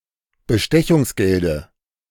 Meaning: dative singular of Bestechungsgeld
- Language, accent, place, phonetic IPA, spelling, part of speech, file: German, Germany, Berlin, [bəˈʃtɛçʊŋsˌɡɛldə], Bestechungsgelde, noun, De-Bestechungsgelde.ogg